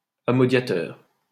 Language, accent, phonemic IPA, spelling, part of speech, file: French, France, /a.mɔ.dja.tœʁ/, amodiateur, noun, LL-Q150 (fra)-amodiateur.wav
- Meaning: lessee (especially of land or a farm)